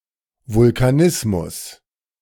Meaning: volcanism
- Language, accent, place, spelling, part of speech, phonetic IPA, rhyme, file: German, Germany, Berlin, Vulkanismus, noun, [vʊlkaˈnɪsmʊs], -ɪsmʊs, De-Vulkanismus.ogg